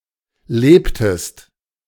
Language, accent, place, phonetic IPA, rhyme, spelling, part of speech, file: German, Germany, Berlin, [ˈleːptəst], -eːptəst, lebtest, verb, De-lebtest.ogg
- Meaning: inflection of leben: 1. second-person singular preterite 2. second-person singular subjunctive II